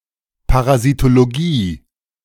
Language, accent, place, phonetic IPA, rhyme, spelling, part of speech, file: German, Germany, Berlin, [paʁazitoloˈɡiː], -iː, Parasitologie, noun, De-Parasitologie.ogg
- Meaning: parasitology